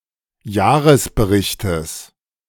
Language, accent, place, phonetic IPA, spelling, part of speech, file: German, Germany, Berlin, [ˈjaːʁəsbəˌʁɪçtəs], Jahresberichtes, noun, De-Jahresberichtes.ogg
- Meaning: genitive singular of Jahresbericht